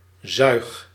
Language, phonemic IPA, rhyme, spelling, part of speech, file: Dutch, /zœy̯x/, -œy̯x, zuig, verb, Nl-zuig.ogg
- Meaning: inflection of zuigen: 1. first-person singular present indicative 2. second-person singular present indicative 3. imperative